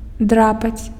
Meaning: to scratch
- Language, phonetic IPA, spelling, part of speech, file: Belarusian, [ˈdrapat͡sʲ], драпаць, verb, Be-драпаць.ogg